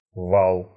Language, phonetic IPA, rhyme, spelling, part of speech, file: Russian, [vaɫ], -aɫ, вал, noun, Ru-вал.ogg
- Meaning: 1. billow, roller, large wave (also figuratively) 2. rampart, dyke, wall (an earthen embankment, possibly faced with stone, used as a defensive fortification) 3. barrage fire 4. shaft, axle